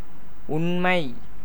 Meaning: 1. truth, fact, reality 2. being, existence 3. faithfulness, honesty 4. knowledge 5. nature, essence
- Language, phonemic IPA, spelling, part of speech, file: Tamil, /ʊɳmɐɪ̯/, உண்மை, noun, Ta-உண்மை.ogg